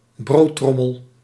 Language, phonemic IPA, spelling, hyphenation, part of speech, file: Dutch, /ˈbroːˌtrɔ.məl/, broodtrommel, brood‧trom‧mel, noun, Nl-broodtrommel.ogg
- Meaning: 1. lunchbox 2. bread bin, breadbox (container for preserving bread)